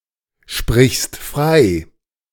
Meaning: second-person singular present of freisprechen
- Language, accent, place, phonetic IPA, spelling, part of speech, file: German, Germany, Berlin, [ˌʃpʁɪçst ˈfʁaɪ̯], sprichst frei, verb, De-sprichst frei.ogg